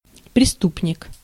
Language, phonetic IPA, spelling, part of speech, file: Russian, [prʲɪˈstupnʲɪk], преступник, noun, Ru-преступник.ogg
- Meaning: criminal, delinquent, offender